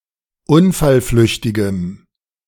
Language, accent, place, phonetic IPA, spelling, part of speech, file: German, Germany, Berlin, [ˈʊnfalˌflʏçtɪɡəm], unfallflüchtigem, adjective, De-unfallflüchtigem.ogg
- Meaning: strong dative masculine/neuter singular of unfallflüchtig